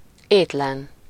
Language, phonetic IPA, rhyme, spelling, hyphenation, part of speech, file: Hungarian, [ˈeːtlɛn], -ɛn, étlen, ét‧len, adjective / adverb, Hu-étlen.ogg
- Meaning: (adjective) hungry, famished; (adverb) without food; without having eaten